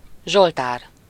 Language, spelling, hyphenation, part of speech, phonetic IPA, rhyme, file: Hungarian, zsoltár, zsol‧tár, noun, [ˈʒoltaːr], -aːr, Hu-zsoltár.ogg
- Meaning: 1. psalm 2. psalmody (a collection of psalms)